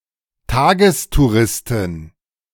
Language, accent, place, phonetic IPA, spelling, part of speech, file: German, Germany, Berlin, [ˈtaːɡəstuˌʁɪstɪn], Tagestouristin, noun, De-Tagestouristin.ogg
- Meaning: female day-tripper